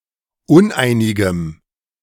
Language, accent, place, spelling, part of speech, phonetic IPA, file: German, Germany, Berlin, uneinigem, adjective, [ˈʊnˌʔaɪ̯nɪɡəm], De-uneinigem.ogg
- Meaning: strong dative masculine/neuter singular of uneinig